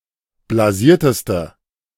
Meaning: inflection of blasiert: 1. strong/mixed nominative/accusative feminine singular superlative degree 2. strong nominative/accusative plural superlative degree
- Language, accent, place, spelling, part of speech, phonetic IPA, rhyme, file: German, Germany, Berlin, blasierteste, adjective, [blaˈziːɐ̯təstə], -iːɐ̯təstə, De-blasierteste.ogg